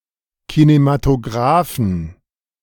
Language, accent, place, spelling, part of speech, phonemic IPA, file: German, Germany, Berlin, Kinematographen, noun, /kinematoˈɡʁaːfn̩/, De-Kinematographen.ogg
- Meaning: inflection of Kinematograph: 1. genitive/dative/accusative singular 2. all cases plural